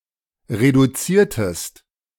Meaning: inflection of reduzieren: 1. second-person singular preterite 2. second-person singular subjunctive II
- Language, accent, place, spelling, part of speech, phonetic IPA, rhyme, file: German, Germany, Berlin, reduziertest, verb, [ʁeduˈt͡siːɐ̯təst], -iːɐ̯təst, De-reduziertest.ogg